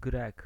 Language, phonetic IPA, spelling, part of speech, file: Polish, [ɡrɛk], Grek, noun, Pl-Grek.ogg